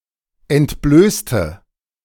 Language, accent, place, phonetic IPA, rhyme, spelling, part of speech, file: German, Germany, Berlin, [ɛntˈbløːstə], -øːstə, entblößte, adjective / verb, De-entblößte.ogg
- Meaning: inflection of entblößen: 1. first/third-person singular preterite 2. first/third-person singular subjunctive II